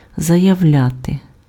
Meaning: to state, to declare, to announce
- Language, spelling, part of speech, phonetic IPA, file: Ukrainian, заявляти, verb, [zɐjɐu̯ˈlʲate], Uk-заявляти.ogg